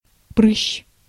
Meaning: pimple, spot, pustule
- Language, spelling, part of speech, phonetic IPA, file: Russian, прыщ, noun, [prɨɕː], Ru-прыщ.ogg